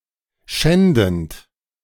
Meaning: present participle of schänden
- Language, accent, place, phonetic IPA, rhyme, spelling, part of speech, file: German, Germany, Berlin, [ˈʃɛndn̩t], -ɛndn̩t, schändend, verb, De-schändend.ogg